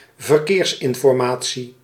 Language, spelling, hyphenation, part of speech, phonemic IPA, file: Dutch, verkeersinformatie, ver‧keers‧in‧for‧ma‧tie, noun, /vərˈkeːrs.ɪn.fɔrˌmaː.(t)si/, Nl-verkeersinformatie.ogg
- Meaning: traffic information, traffic news, traffic updates, traffic report (reporting about current road traffic conditions in public broadcasts or on the Internet, esp. during radio broadcasts)